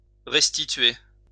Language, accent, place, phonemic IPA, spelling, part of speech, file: French, France, Lyon, /ʁɛs.ti.tɥe/, restituer, verb, LL-Q150 (fra)-restituer.wav
- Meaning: 1. to restitute, to restore (return to something's former condition) 2. to bring back, bring back to life 3. to recreate, to reproduce (create/produce again)